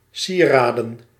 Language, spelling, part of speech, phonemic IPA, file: Dutch, sieraden, noun, /ˈsiradə(n)/, Nl-sieraden.ogg
- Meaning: plural of sieraad